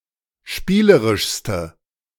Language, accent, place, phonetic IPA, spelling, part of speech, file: German, Germany, Berlin, [ˈʃpiːləʁɪʃstə], spielerischste, adjective, De-spielerischste.ogg
- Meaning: inflection of spielerisch: 1. strong/mixed nominative/accusative feminine singular superlative degree 2. strong nominative/accusative plural superlative degree